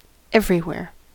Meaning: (adverb) 1. In or to all locations under discussion 2. In or to a few or more locations; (noun) All places or locations
- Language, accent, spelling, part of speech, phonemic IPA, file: English, US, everywhere, adverb / noun, /ˈɛv.ɹi.(h)wɛɹ/, En-us-everywhere.ogg